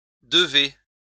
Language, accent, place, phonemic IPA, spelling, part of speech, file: French, France, Lyon, /də.ve/, devez, verb, LL-Q150 (fra)-devez.wav
- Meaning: second-person plural present indicative of devoir